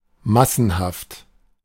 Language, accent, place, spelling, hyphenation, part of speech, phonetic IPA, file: German, Germany, Berlin, massenhaft, mas‧sen‧haft, adjective, [ˈmasn̩ˌhaft], De-massenhaft.ogg
- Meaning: in vast numbers, of vast numbers